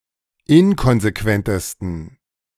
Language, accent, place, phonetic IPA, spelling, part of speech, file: German, Germany, Berlin, [ˈɪnkɔnzeˌkvɛntəstn̩], inkonsequentesten, adjective, De-inkonsequentesten.ogg
- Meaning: 1. superlative degree of inkonsequent 2. inflection of inkonsequent: strong genitive masculine/neuter singular superlative degree